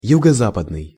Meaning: 1. southwest 2. southwesterly
- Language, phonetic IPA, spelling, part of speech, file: Russian, [ˌjuɡə ˈzapədnɨj], юго-западный, adjective, Ru-юго-западный.ogg